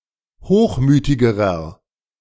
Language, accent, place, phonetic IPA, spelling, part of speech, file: German, Germany, Berlin, [ˈhoːxˌmyːtɪɡəʁɐ], hochmütigerer, adjective, De-hochmütigerer.ogg
- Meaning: inflection of hochmütig: 1. strong/mixed nominative masculine singular comparative degree 2. strong genitive/dative feminine singular comparative degree 3. strong genitive plural comparative degree